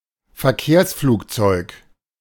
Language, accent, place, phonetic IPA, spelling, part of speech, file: German, Germany, Berlin, [fɛɐ̯ˈkeːɐ̯sfluːkˌt͡sɔɪ̯k], Verkehrsflugzeug, noun, De-Verkehrsflugzeug.ogg
- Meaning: airliner; commercial aircraft